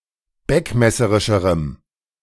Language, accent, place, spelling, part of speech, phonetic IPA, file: German, Germany, Berlin, beckmesserischerem, adjective, [ˈbɛkmɛsəʁɪʃəʁəm], De-beckmesserischerem.ogg
- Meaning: strong dative masculine/neuter singular comparative degree of beckmesserisch